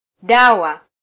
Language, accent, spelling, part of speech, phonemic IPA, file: Swahili, Kenya, dawa, noun, /ˈɗɑ.wɑ/, Sw-ke-dawa.flac
- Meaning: 1. medicine, medication, medicament 2. remedy, cure